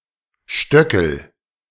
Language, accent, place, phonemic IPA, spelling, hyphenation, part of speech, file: German, Germany, Berlin, /ˈʃtœkl̩/, Stöckel, Stö‧ckel, noun, De-Stöckel.ogg
- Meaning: 1. heel (of a shoe) 2. outbuilding